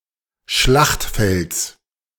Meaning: genitive of Schlachtfeld
- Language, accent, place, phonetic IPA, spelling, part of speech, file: German, Germany, Berlin, [ˈʃlaxtˌfɛlt͡s], Schlachtfelds, noun, De-Schlachtfelds.ogg